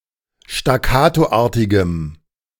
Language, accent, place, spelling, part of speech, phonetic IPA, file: German, Germany, Berlin, staccatoartigem, adjective, [ʃtaˈkaːtoˌʔaːɐ̯tɪɡəm], De-staccatoartigem.ogg
- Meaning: strong dative masculine/neuter singular of staccatoartig